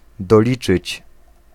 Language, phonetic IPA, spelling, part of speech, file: Polish, [dɔˈlʲit͡ʃɨt͡ɕ], doliczyć, verb, Pl-doliczyć.ogg